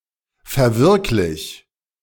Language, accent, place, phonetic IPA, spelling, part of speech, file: German, Germany, Berlin, [fɛɐ̯ˈvɪʁklɪç], verwirklich, verb, De-verwirklich.ogg
- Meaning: 1. singular imperative of verwirklichen 2. first-person singular present of verwirklichen